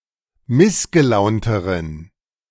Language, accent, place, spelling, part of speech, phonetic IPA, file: German, Germany, Berlin, missgelaunteren, adjective, [ˈmɪsɡəˌlaʊ̯ntəʁən], De-missgelaunteren.ogg
- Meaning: inflection of missgelaunt: 1. strong genitive masculine/neuter singular comparative degree 2. weak/mixed genitive/dative all-gender singular comparative degree